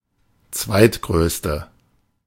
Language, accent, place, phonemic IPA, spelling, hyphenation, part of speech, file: German, Germany, Berlin, /ˈt͡svaɪ̯tˌɡʁøːstə/, zweitgrößte, zweit‧größ‧te, adjective, De-zweitgrößte.ogg
- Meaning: second largest, biggest